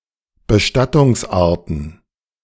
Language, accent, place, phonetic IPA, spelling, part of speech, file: German, Germany, Berlin, [bəˈʃtatʊŋsˌʔaːɐ̯tn̩], Bestattungsarten, noun, De-Bestattungsarten.ogg
- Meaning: plural of Bestattungsart